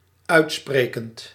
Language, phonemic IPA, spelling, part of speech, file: Dutch, /ˈœy̯tˌspreːkənt/, uitsprekend, verb, Nl-uitsprekend.ogg
- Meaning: present participle of uitspreken